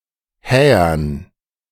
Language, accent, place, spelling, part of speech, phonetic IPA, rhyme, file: German, Germany, Berlin, Hähern, noun, [ˈhɛːɐn], -ɛːɐn, De-Hähern.ogg
- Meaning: dative plural of Häher